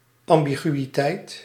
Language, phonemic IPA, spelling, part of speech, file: Dutch, /ˌɑm.bi.ɣy.iˈtɛi̯t/, ambiguïteit, noun, Nl-ambiguïteit.ogg
- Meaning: ambiguity